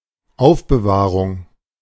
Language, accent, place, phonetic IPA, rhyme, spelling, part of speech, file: German, Germany, Berlin, [ˈaʊ̯fbəˌvaːʁʊŋ], -aːʁʊŋ, Aufbewahrung, noun, De-Aufbewahrung.ogg
- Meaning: storage, retention, custody